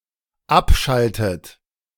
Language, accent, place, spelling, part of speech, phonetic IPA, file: German, Germany, Berlin, abschaltet, verb, [ˈapˌʃaltət], De-abschaltet.ogg
- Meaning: inflection of abschalten: 1. third-person singular dependent present 2. second-person plural dependent present 3. second-person plural dependent subjunctive I